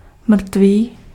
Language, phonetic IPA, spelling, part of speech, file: Czech, [ˈmr̩tviː], mrtvý, adjective, Cs-mrtvý.ogg
- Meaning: dead